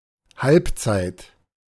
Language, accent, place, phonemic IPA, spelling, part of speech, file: German, Germany, Berlin, /ˈhalpˌtsaɪ̯t/, Halbzeit, noun, De-Halbzeit.ogg
- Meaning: 1. half (one of two equally long periods of a match) 2. half time (the interval between these periods)